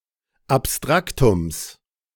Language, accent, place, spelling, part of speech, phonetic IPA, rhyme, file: German, Germany, Berlin, Abstraktums, noun, [apˈstʁaktʊms], -aktʊms, De-Abstraktums.ogg
- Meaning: genitive of Abstraktum